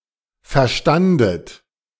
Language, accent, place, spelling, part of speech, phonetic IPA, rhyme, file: German, Germany, Berlin, verstandet, verb, [fɛɐ̯ˈʃtandət], -andət, De-verstandet.ogg
- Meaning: second-person plural preterite of verstehen